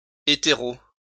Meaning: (adjective) straight (heterosexual); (noun) a straight (heterosexual) person
- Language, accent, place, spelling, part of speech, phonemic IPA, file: French, France, Lyon, hétéro, adjective / noun, /e.te.ʁo/, LL-Q150 (fra)-hétéro.wav